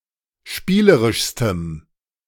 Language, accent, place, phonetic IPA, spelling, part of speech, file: German, Germany, Berlin, [ˈʃpiːləʁɪʃstəm], spielerischstem, adjective, De-spielerischstem.ogg
- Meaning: strong dative masculine/neuter singular superlative degree of spielerisch